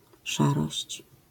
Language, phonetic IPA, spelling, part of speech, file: Polish, [ˈʃarɔɕt͡ɕ], szarość, noun, LL-Q809 (pol)-szarość.wav